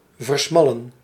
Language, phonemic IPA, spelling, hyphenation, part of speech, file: Dutch, /vərˈsmɑlə(n)/, versmallen, ver‧smal‧len, verb, Nl-versmallen.ogg
- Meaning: to narrow, narrow down